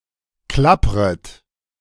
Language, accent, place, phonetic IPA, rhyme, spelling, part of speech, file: German, Germany, Berlin, [ˈklapʁət], -apʁət, klappret, verb, De-klappret.ogg
- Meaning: second-person plural subjunctive I of klappern